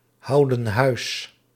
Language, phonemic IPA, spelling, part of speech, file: Dutch, /ˈhɑudə(n) ˈhœys/, houden huis, verb, Nl-houden huis.ogg
- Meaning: inflection of huishouden: 1. plural present indicative 2. plural present subjunctive